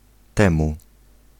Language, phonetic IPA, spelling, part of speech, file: Polish, [ˈtɛ̃mu], temu, pronoun / preposition / conjunction, Pl-temu.ogg